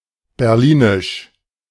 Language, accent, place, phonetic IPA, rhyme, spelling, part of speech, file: German, Germany, Berlin, [bɛʁˈliːnɪʃ], -iːnɪʃ, berlinisch, adjective, De-berlinisch.ogg
- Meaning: of Berlin